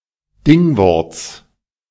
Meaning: genitive singular of Dingwort
- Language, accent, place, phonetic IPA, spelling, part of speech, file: German, Germany, Berlin, [ˈdɪŋˌvɔʁt͡s], Dingworts, noun, De-Dingworts.ogg